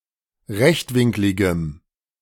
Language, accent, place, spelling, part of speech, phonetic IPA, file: German, Germany, Berlin, rechtwinkligem, adjective, [ˈʁɛçtˌvɪŋklɪɡəm], De-rechtwinkligem.ogg
- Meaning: strong dative masculine/neuter singular of rechtwinklig